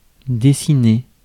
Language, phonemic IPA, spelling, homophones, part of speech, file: French, /de.si.ne/, dessiner, dessinai / dessiné / dessinée / dessinés / dessinées, verb, Fr-dessiner.ogg
- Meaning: 1. to draw, to sketch 2. to draw up, to design 3. to take shape, to appear slowly